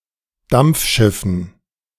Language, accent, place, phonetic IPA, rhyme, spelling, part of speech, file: German, Germany, Berlin, [ˈdamp͡fˌʃɪfn̩], -amp͡fʃɪfn̩, Dampfschiffen, noun, De-Dampfschiffen.ogg
- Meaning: dative plural of Dampfschiff